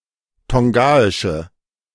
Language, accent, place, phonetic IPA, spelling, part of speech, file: German, Germany, Berlin, [ˈtɔŋɡaɪʃə], tongaische, adjective, De-tongaische.ogg
- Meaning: inflection of tongaisch: 1. strong/mixed nominative/accusative feminine singular 2. strong nominative/accusative plural 3. weak nominative all-gender singular